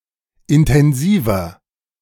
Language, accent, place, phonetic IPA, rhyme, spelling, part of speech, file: German, Germany, Berlin, [ɪntɛnˈziːvɐ], -iːvɐ, intensiver, adjective, De-intensiver.ogg
- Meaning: inflection of intensiv: 1. strong/mixed nominative masculine singular 2. strong genitive/dative feminine singular 3. strong genitive plural